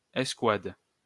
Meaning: squad, squadron
- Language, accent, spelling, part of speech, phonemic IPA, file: French, France, escouade, noun, /ɛs.kwad/, LL-Q150 (fra)-escouade.wav